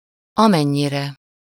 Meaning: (adverb) as much as (to the [same] extent that); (pronoun) sublative singular of amennyi
- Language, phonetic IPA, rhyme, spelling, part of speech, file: Hungarian, [ˈɒmɛɲːirɛ], -rɛ, amennyire, adverb / pronoun, Hu-amennyire.ogg